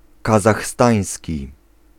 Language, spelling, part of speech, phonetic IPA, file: Polish, kazachstański, adjective, [ˌkazaxˈstãj̃sʲci], Pl-kazachstański.ogg